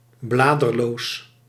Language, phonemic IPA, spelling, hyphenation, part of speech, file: Dutch, /ˈblaː.dərˌloːs/, bladerloos, bla‧der‧loos, adjective, Nl-bladerloos.ogg
- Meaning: leafless